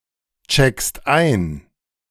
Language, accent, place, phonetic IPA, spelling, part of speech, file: German, Germany, Berlin, [ˌt͡ʃɛkst ˈaɪ̯n], checkst ein, verb, De-checkst ein.ogg
- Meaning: second-person singular present of einchecken